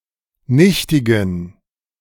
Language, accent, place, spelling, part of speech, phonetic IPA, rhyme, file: German, Germany, Berlin, nichtigen, adjective, [ˈnɪçtɪɡn̩], -ɪçtɪɡn̩, De-nichtigen.ogg
- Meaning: inflection of nichtig: 1. strong genitive masculine/neuter singular 2. weak/mixed genitive/dative all-gender singular 3. strong/weak/mixed accusative masculine singular 4. strong dative plural